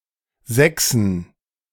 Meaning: plural of Sechs
- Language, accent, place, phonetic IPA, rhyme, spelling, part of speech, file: German, Germany, Berlin, [ˈzɛksn̩], -ɛksn̩, Sechsen, noun, De-Sechsen.ogg